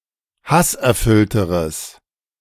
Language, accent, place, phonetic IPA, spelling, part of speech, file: German, Germany, Berlin, [ˈhasʔɛɐ̯ˌfʏltəʁəs], hasserfüllteres, adjective, De-hasserfüllteres.ogg
- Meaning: strong/mixed nominative/accusative neuter singular comparative degree of hasserfüllt